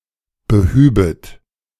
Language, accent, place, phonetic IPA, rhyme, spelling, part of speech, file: German, Germany, Berlin, [bəˈhyːbət], -yːbət, behübet, verb, De-behübet.ogg
- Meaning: second-person plural subjunctive II of beheben